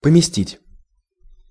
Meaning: 1. to place, to put, to locate, to position, to set, to bestow, to stand 2. to invest 3. to lodge, to accommodate, to put up, to settle 4. to insert, to publish
- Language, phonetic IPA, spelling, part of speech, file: Russian, [pəmʲɪˈsʲtʲitʲ], поместить, verb, Ru-поместить.ogg